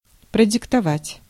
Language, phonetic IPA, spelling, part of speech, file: Russian, [prədʲɪktɐˈvatʲ], продиктовать, verb, Ru-продиктовать.ogg
- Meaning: to dictate (to)